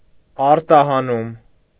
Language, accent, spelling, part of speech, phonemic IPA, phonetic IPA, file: Armenian, Eastern Armenian, արտահանում, noun, /ɑɾtɑhɑˈnum/, [ɑɾtɑhɑnúm], Hy-արտահանում.ogg
- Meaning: export (the act of exporting)